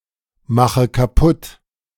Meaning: inflection of kaputtmachen: 1. first-person singular present 2. first/third-person singular subjunctive I 3. singular imperative
- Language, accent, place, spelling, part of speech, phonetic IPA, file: German, Germany, Berlin, mache kaputt, verb, [ˌmaxə kaˈpʊt], De-mache kaputt.ogg